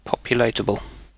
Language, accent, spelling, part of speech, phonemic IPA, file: English, UK, populatable, adjective, /ˈpɒpˌjʊu.leɪt.əbəl/, En-uk-populatable.ogg
- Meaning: Able to be populated